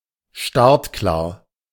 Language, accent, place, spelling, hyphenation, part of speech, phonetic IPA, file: German, Germany, Berlin, startklar, start‧klar, adjective, [ˈʃtaʁtˌklaːɐ̯], De-startklar.ogg
- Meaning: 1. ready to start, ready for start 2. ready for takeoff